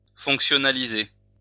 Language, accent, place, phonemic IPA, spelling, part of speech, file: French, France, Lyon, /fɔ̃k.sjɔ.na.li.ze/, fonctionnaliser, verb, LL-Q150 (fra)-fonctionnaliser.wav
- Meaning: to functionalize